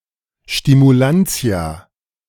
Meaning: nominative/genitive/dative/accusative plural of Stimulans
- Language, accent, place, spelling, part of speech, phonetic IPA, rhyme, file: German, Germany, Berlin, Stimulantia, noun, [ʃtimuˈlant͡si̯a], -ant͡si̯a, De-Stimulantia.ogg